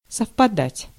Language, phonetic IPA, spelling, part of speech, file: Russian, [səfpɐˈdatʲ], совпадать, verb, Ru-совпадать.ogg
- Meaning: 1. to coincide 2. to concur 3. to match, to agree